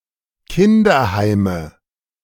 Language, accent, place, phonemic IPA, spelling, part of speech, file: German, Germany, Berlin, /ˈkɪndɐˌhaɪ̯mə/, Kinderheime, noun, De-Kinderheime.ogg
- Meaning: nominative/accusative/genitive plural of Kinderheim